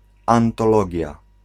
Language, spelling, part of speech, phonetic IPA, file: Polish, antologia, noun, [ˌãntɔˈlɔɟja], Pl-antologia.ogg